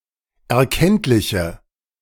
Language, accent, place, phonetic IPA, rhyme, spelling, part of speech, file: German, Germany, Berlin, [ɛɐ̯ˈkɛntlɪçə], -ɛntlɪçə, erkenntliche, adjective, De-erkenntliche.ogg
- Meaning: inflection of erkenntlich: 1. strong/mixed nominative/accusative feminine singular 2. strong nominative/accusative plural 3. weak nominative all-gender singular